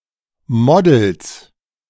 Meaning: plural of Model
- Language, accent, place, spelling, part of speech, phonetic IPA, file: German, Germany, Berlin, Models, noun, [ˈmɔdl̩s], De-Models.ogg